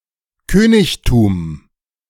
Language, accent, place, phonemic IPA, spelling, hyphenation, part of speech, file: German, Germany, Berlin, /ˈkøːnɪçtuːm/, Königtum, Kö‧nig‧tum, noun, De-Königtum.ogg
- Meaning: 1. kingdom 2. kingship